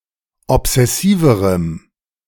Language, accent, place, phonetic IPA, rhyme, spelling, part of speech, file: German, Germany, Berlin, [ɔpz̥ɛˈsiːvəʁəm], -iːvəʁəm, obsessiverem, adjective, De-obsessiverem.ogg
- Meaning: strong dative masculine/neuter singular comparative degree of obsessiv